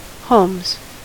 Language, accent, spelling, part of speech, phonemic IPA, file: English, US, homes, noun / verb, /hoʊmz/, En-us-homes.ogg
- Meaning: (noun) 1. plural of home 2. Alternative spelling of holmes; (verb) third-person singular simple present indicative of home